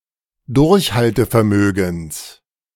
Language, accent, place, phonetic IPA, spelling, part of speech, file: German, Germany, Berlin, [ˈdʊʁçhaltəfɛɐ̯ˌmøːɡn̩s], Durchhaltevermögens, noun, De-Durchhaltevermögens.ogg
- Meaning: genitive singular of Durchhaltevermögen